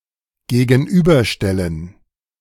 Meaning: 1. to contrast 2. to oppose 3. to confront
- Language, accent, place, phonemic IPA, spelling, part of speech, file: German, Germany, Berlin, /ɡeːɡənˈyːbɐˌʃtɛlən/, gegenüberstellen, verb, De-gegenüberstellen.ogg